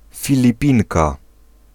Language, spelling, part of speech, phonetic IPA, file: Polish, Filipinka, noun, [ˌfʲilʲiˈpʲĩnka], Pl-Filipinka.ogg